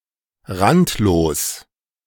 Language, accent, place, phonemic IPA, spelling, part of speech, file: German, Germany, Berlin, /ˈʁantloːs/, randlos, adjective, De-randlos.ogg
- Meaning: 1. rimless 2. having no margin (of a document)